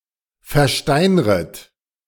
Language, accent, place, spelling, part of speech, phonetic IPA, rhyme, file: German, Germany, Berlin, versteinret, verb, [fɛɐ̯ˈʃtaɪ̯nʁət], -aɪ̯nʁət, De-versteinret.ogg
- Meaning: second-person plural subjunctive I of versteinern